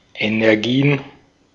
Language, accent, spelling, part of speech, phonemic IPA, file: German, Austria, Energien, noun, /enɛʁˈɡiːən/, De-at-Energien.ogg
- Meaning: plural of Energie